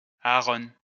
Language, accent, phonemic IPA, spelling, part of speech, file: French, France, /a.a.ʁɔ̃/, Aaron, proper noun, LL-Q150 (fra)-Aaron.wav
- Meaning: 1. Aaron (biblical figure) 2. a male given name from Hebrew, equivalent to English Aaron